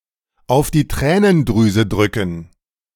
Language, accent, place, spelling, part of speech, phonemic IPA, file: German, Germany, Berlin, auf die Tränendrüse drücken, verb, /aʊ̯f diː ˈtʁɛːnənˌdʁyːzə ˈdʁʏkŋ̍/, De-auf die Tränendrüse drücken.ogg
- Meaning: to tug at the heartstrings